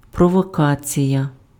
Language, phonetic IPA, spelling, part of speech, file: Ukrainian, [prɔwɔˈkat͡sʲijɐ], провокація, noun, Uk-провокація.ogg
- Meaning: provocation